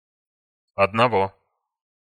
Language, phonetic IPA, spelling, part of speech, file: Russian, [ɐdnɐˈvo], одного, numeral, Ru-одного.ogg
- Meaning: inflection of оди́н (odín): 1. genitive masculine/neuter singular 2. animate accusative masculine singular